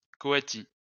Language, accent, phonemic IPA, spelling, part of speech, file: French, France, /kɔ.a.ti/, coati, noun, LL-Q150 (fra)-coati.wav
- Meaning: coati